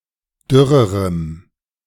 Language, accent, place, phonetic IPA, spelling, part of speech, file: German, Germany, Berlin, [ˈdʏʁəʁəm], dürrerem, adjective, De-dürrerem.ogg
- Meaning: strong dative masculine/neuter singular comparative degree of dürr